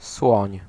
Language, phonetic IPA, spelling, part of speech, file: Polish, [swɔ̃ɲ], słoń, noun / verb, Pl-słoń.ogg